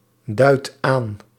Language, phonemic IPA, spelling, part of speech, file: Dutch, /ˈdœyt ˈan/, duidt aan, verb, Nl-duidt aan.ogg
- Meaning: inflection of aanduiden: 1. second/third-person singular present indicative 2. plural imperative